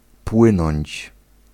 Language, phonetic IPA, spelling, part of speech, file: Polish, [ˈpwɨ̃nɔ̃ɲt͡ɕ], płynąć, verb, Pl-płynąć.ogg